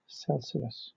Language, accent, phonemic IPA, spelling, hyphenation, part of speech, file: English, Southern England, /ˈsɛl.siəs/, Celsius, Celsius, adjective / noun / proper noun, LL-Q1860 (eng)-Celsius.wav
- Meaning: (adjective) Relating to the metric temperature scale of said name; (noun) Ellipsis of degree Celsius; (proper noun) A surname in Swedish